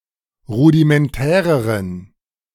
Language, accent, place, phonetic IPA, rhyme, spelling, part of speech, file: German, Germany, Berlin, [ˌʁudimɛnˈtɛːʁəʁən], -ɛːʁəʁən, rudimentäreren, adjective, De-rudimentäreren.ogg
- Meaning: inflection of rudimentär: 1. strong genitive masculine/neuter singular comparative degree 2. weak/mixed genitive/dative all-gender singular comparative degree